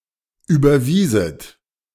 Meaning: second-person plural subjunctive II of überweisen
- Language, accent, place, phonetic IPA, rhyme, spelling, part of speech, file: German, Germany, Berlin, [ˌyːbɐˈviːzət], -iːzət, überwieset, verb, De-überwieset.ogg